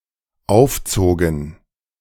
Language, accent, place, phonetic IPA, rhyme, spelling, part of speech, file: German, Germany, Berlin, [ˈaʊ̯fˌt͡soːɡn̩], -aʊ̯ft͡soːɡn̩, aufzogen, verb, De-aufzogen.ogg
- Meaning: first/third-person plural dependent preterite of aufziehen